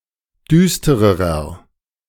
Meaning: inflection of düster: 1. strong/mixed nominative masculine singular comparative degree 2. strong genitive/dative feminine singular comparative degree 3. strong genitive plural comparative degree
- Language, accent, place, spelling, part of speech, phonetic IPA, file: German, Germany, Berlin, düstererer, adjective, [ˈdyːstəʁəʁɐ], De-düstererer.ogg